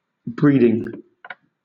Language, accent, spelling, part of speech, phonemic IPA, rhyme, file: English, Southern England, breeding, noun / adjective / verb, /ˈbɹiːdɪŋ/, -iːdɪŋ, LL-Q1860 (eng)-breeding.wav
- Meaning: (noun) 1. Propagation of offspring through sexual reproduction 2. The act of insemination by natural or artificial means 3. The act of copulation in animals